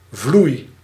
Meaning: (noun) a sheet of blotting paper; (verb) inflection of vloeien: 1. first-person singular present indicative 2. second-person singular present indicative 3. imperative
- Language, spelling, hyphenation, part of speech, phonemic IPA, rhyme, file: Dutch, vloei, vloei, noun / verb, /vlui̯/, -ui̯, Nl-vloei.ogg